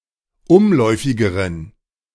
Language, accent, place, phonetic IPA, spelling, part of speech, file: German, Germany, Berlin, [ˈʊmˌlɔɪ̯fɪɡəʁən], umläufigeren, adjective, De-umläufigeren.ogg
- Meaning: inflection of umläufig: 1. strong genitive masculine/neuter singular comparative degree 2. weak/mixed genitive/dative all-gender singular comparative degree